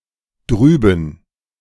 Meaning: 1. over (implying some distance from the listener) 2. over there 3. beyond, on the other side (of some implied line)
- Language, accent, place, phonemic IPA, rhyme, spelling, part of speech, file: German, Germany, Berlin, /ˈdryːbən/, -yːbən, drüben, adverb, De-drüben.ogg